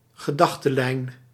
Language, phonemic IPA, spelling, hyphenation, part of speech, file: Dutch, /ɣəˈdɑx.təˌlɛi̯n/, gedachtelijn, ge‧dach‧te‧lijn, noun, Nl-gedachtelijn.ogg
- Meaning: line of thought, way of thinking